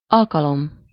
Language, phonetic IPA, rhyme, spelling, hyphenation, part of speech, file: Hungarian, [ˈɒlkɒlom], -om, alkalom, al‧ka‧lom, noun, Hu-alkalom.ogg
- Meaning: 1. occasion, opportunity, chance 2. occasion (the time when something happens) 3. time, occasion, instance, occurrence (see also the examples at alkalommal)